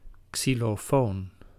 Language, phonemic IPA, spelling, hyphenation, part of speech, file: Dutch, /ˌksi.loːˈfoːn/, xylofoon, xy‧lo‧foon, noun, Nl-xylofoon.ogg
- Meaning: xylophone (musical instrument)